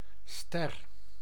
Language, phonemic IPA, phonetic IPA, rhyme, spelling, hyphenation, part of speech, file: Dutch, /stɛr/, [stɛ̈ə̆r̠], -ɛr, ster, ster, noun, Nl-ster.ogg
- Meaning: 1. star (celestial body) 2. any luminous astronomical or meteorological phenomenon 3. a concave polygon with regular, pointy protrusions and indentations, generally with five or six points